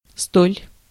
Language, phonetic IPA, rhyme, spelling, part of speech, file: Russian, [stolʲ], -olʲ, столь, adverb, Ru-столь.ogg
- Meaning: so, such